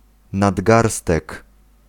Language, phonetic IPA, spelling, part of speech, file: Polish, [nadˈɡarstɛk], nadgarstek, noun, Pl-nadgarstek.ogg